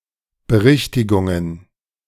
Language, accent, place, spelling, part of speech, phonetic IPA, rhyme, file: German, Germany, Berlin, Berichtigungen, noun, [bəˈʁɪçtɪɡʊŋən], -ɪçtɪɡʊŋən, De-Berichtigungen.ogg
- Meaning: plural of Berichtigung